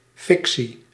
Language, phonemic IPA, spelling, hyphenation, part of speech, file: Dutch, /ˈfɪk.si/, fictie, fic‧tie, noun, Nl-fictie.ogg
- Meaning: 1. fiction (genre of fictional stories) 2. figment, constructed falsehood